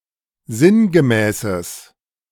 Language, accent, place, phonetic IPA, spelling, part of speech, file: German, Germany, Berlin, [ˈzɪnɡəˌmɛːsəs], sinngemäßes, adjective, De-sinngemäßes.ogg
- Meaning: strong/mixed nominative/accusative neuter singular of sinngemäß